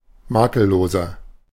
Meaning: 1. comparative degree of makellos 2. inflection of makellos: strong/mixed nominative masculine singular 3. inflection of makellos: strong genitive/dative feminine singular
- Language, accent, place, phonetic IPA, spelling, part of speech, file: German, Germany, Berlin, [ˈmaːkəlˌloːzɐ], makelloser, adjective, De-makelloser.ogg